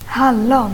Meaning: 1. raspberry (plant) 2. raspberry (fruit) 3. raspberries
- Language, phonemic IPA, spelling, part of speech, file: Swedish, /ˈhalˌɔn/, hallon, noun, Sv-hallon.ogg